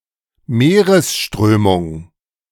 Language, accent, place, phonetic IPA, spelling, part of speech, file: German, Germany, Berlin, [ˈmeːʁəsˌʃtʁøːmʊŋ], Meeresströmung, noun, De-Meeresströmung.ogg
- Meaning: ocean current